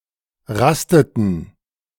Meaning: inflection of rasten: 1. first/third-person plural preterite 2. first/third-person plural subjunctive II
- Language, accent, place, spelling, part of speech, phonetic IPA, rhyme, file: German, Germany, Berlin, rasteten, verb, [ˈʁastətn̩], -astətn̩, De-rasteten.ogg